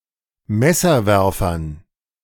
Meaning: dative plural of Messerwerfer
- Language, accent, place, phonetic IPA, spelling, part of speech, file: German, Germany, Berlin, [ˈmɛsɐˌvɛʁfɐn], Messerwerfern, noun, De-Messerwerfern.ogg